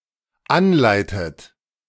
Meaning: inflection of anleiten: 1. third-person singular dependent present 2. second-person plural dependent present 3. second-person plural dependent subjunctive I
- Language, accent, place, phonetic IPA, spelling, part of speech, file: German, Germany, Berlin, [ˈanˌlaɪ̯tət], anleitet, verb, De-anleitet.ogg